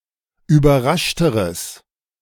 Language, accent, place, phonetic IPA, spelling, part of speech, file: German, Germany, Berlin, [yːbɐˈʁaʃtəʁəs], überraschteres, adjective, De-überraschteres.ogg
- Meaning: strong/mixed nominative/accusative neuter singular comparative degree of überrascht